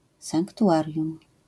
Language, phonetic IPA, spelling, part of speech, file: Polish, [ˌsãŋktuˈʷarʲjũm], sanktuarium, noun, LL-Q809 (pol)-sanktuarium.wav